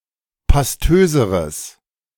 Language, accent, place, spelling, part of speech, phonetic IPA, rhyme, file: German, Germany, Berlin, pastöseres, adjective, [pasˈtøːzəʁəs], -øːzəʁəs, De-pastöseres.ogg
- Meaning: strong/mixed nominative/accusative neuter singular comparative degree of pastös